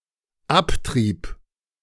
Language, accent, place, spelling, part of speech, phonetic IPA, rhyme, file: German, Germany, Berlin, abtrieb, verb, [ˈapˌtʁiːp], -aptʁiːp, De-abtrieb.ogg
- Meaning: first/third-person singular dependent preterite of abtreiben